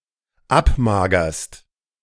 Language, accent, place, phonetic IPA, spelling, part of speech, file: German, Germany, Berlin, [ˈapˌmaːɡɐst], abmagerst, verb, De-abmagerst.ogg
- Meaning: second-person singular dependent present of abmagern